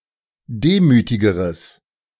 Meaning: strong/mixed nominative/accusative neuter singular comparative degree of demütig
- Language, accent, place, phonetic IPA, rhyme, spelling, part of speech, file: German, Germany, Berlin, [ˈdeːmyːtɪɡəʁəs], -eːmyːtɪɡəʁəs, demütigeres, adjective, De-demütigeres.ogg